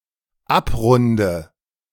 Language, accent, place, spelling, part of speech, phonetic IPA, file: German, Germany, Berlin, abrunde, verb, [ˈapˌʁʊndə], De-abrunde.ogg
- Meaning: inflection of abrunden: 1. first-person singular dependent present 2. first/third-person singular dependent subjunctive I